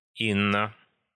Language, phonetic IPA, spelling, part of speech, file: Russian, [ˈinːə], Инна, proper noun, Ru-Инна.ogg
- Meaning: a female given name, Inna, from Bulgarian, Macedonian